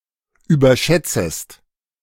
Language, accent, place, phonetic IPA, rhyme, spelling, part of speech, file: German, Germany, Berlin, [yːbɐˈʃɛt͡səst], -ɛt͡səst, überschätzest, verb, De-überschätzest.ogg
- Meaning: second-person singular subjunctive I of überschätzen